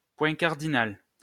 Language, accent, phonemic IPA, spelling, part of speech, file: French, France, /pwɛ̃ kaʁ.di.nal/, point cardinal, noun, LL-Q150 (fra)-point cardinal.wav
- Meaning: cardinal point